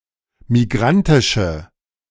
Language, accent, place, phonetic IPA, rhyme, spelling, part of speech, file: German, Germany, Berlin, [miˈɡʁantɪʃə], -antɪʃə, migrantische, adjective, De-migrantische.ogg
- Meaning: inflection of migrantisch: 1. strong/mixed nominative/accusative feminine singular 2. strong nominative/accusative plural 3. weak nominative all-gender singular